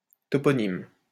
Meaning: toponym, placename
- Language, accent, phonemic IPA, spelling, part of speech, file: French, France, /tɔ.pɔ.nim/, toponyme, noun, LL-Q150 (fra)-toponyme.wav